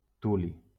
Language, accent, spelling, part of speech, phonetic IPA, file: Catalan, Valencia, tuli, noun, [ˈtu.li], LL-Q7026 (cat)-tuli.wav
- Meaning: thulium